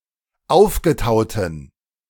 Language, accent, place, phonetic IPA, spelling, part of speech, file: German, Germany, Berlin, [ˈaʊ̯fɡəˌtaʊ̯tn̩], aufgetauten, adjective, De-aufgetauten.ogg
- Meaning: inflection of aufgetaut: 1. strong genitive masculine/neuter singular 2. weak/mixed genitive/dative all-gender singular 3. strong/weak/mixed accusative masculine singular 4. strong dative plural